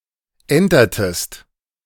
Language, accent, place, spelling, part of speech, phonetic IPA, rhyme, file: German, Germany, Berlin, entertest, verb, [ˈɛntɐtəst], -ɛntɐtəst, De-entertest.ogg
- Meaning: inflection of entern: 1. second-person singular preterite 2. second-person singular subjunctive II